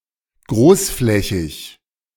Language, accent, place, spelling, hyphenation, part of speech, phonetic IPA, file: German, Germany, Berlin, großflächig, groß‧flä‧chig, adjective, [ˈɡʁoːsˌflɛçɪç], De-großflächig.ogg
- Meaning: widespread, extensive, large-scale